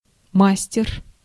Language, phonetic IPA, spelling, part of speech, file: Russian, [ˈmasʲtʲɪr], мастер, noun, Ru-мастер.ogg
- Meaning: 1. master, craftsman, expert 2. foreman 3. repairman 4. wizard (program or script used to simplify complex operations)